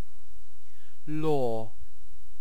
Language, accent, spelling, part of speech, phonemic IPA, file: English, UK, lore, noun / verb, /lɔː/, En-uk-lore.ogg
- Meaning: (noun) All the facts and traditions about a particular subject that have been accumulated over time through education or experience